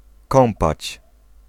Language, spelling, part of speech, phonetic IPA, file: Polish, kąpać, verb, [ˈkɔ̃mpat͡ɕ], Pl-kąpać.ogg